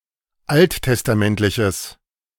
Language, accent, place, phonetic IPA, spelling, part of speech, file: German, Germany, Berlin, [ˈalttɛstaˌmɛntlɪçəs], alttestamentliches, adjective, De-alttestamentliches.ogg
- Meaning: strong/mixed nominative/accusative neuter singular of alttestamentlich